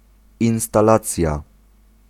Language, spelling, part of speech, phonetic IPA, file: Polish, instalacja, noun, [ˌĩw̃staˈlat͡sʲja], Pl-instalacja.ogg